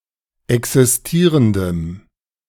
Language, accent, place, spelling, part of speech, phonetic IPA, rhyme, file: German, Germany, Berlin, existierendem, adjective, [ˌɛksɪsˈtiːʁəndəm], -iːʁəndəm, De-existierendem.ogg
- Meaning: strong dative masculine/neuter singular of existierend